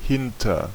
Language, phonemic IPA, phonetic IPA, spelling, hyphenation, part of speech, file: German, /ˈhɪntər/, [ˈhɪn.tɐ], hinter, hin‧ter, preposition / adverb, De-hinter.ogg
- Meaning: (preposition) 1. behind, after 2. after (in pursuit of) 3. beyond (further away than); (adverb) over; to some place fairly nearby